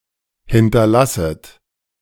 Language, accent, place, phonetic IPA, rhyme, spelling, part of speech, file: German, Germany, Berlin, [ˌhɪntɐˈlasət], -asət, hinterlasset, verb, De-hinterlasset.ogg
- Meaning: second-person plural subjunctive I of hinterlassen